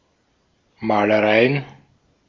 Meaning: plural of Malerei
- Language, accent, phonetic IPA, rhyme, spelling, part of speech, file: German, Austria, [ˌmaːləˈʁaɪ̯ən], -aɪ̯ən, Malereien, noun, De-at-Malereien.ogg